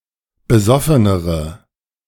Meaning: inflection of besoffen: 1. strong/mixed nominative/accusative feminine singular comparative degree 2. strong nominative/accusative plural comparative degree
- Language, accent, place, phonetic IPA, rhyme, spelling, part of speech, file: German, Germany, Berlin, [bəˈzɔfənəʁə], -ɔfənəʁə, besoffenere, adjective, De-besoffenere.ogg